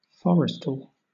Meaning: Relating to forestry (cultivating forests for harvest)
- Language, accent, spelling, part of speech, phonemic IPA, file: English, Southern England, forestal, adjective, /ˈfɒɹɪstəl/, LL-Q1860 (eng)-forestal.wav